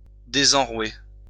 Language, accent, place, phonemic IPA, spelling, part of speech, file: French, France, Lyon, /de.zɑ̃.ʁwe/, désenrouer, verb, LL-Q150 (fra)-désenrouer.wav
- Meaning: 1. to cure of hoarseness 2. to cure one's hoarseness